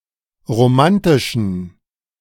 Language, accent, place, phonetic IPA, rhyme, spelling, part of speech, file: German, Germany, Berlin, [ʁoˈmantɪʃn̩], -antɪʃn̩, romantischen, adjective, De-romantischen.ogg
- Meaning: inflection of romantisch: 1. strong genitive masculine/neuter singular 2. weak/mixed genitive/dative all-gender singular 3. strong/weak/mixed accusative masculine singular 4. strong dative plural